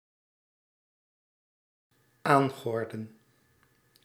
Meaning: to bestir oneself
- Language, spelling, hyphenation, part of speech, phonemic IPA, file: Dutch, aangorden, aan‧gor‧den, verb, /ˈaːŋˌɣɔrdə(n)/, Nl-aangorden.ogg